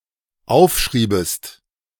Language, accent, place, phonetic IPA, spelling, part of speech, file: German, Germany, Berlin, [ˈaʊ̯fˌʃʁiːbəst], aufschriebest, verb, De-aufschriebest.ogg
- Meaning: second-person singular dependent subjunctive II of aufschreiben